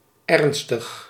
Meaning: serious
- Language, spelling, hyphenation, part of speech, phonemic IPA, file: Dutch, ernstig, ern‧stig, adjective, /ˈɛrn.stəx/, Nl-ernstig.ogg